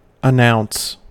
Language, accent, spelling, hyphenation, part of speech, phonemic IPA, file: English, US, announce, an‧nounce, verb, /əˈnaʊn(t)s/, En-us-announce.ogg
- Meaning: 1. To give public notice of, especially for the first time; to make known 2. To pronounce; to declare by judicial sentence 3. To act as announcer for (an event, usually sports)